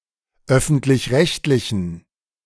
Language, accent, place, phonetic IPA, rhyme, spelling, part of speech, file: German, Germany, Berlin, [ˈœfn̩tlɪçˈʁɛçtlɪçn̩], -ɛçtlɪçn̩, öffentlich-rechtlichen, adjective, De-öffentlich-rechtlichen.ogg
- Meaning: inflection of öffentlich-rechtlich: 1. strong genitive masculine/neuter singular 2. weak/mixed genitive/dative all-gender singular 3. strong/weak/mixed accusative masculine singular